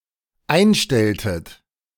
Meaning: inflection of einstellen: 1. second-person plural dependent preterite 2. second-person plural dependent subjunctive II
- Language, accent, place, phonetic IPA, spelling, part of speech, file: German, Germany, Berlin, [ˈaɪ̯nˌʃtɛltət], einstelltet, verb, De-einstelltet.ogg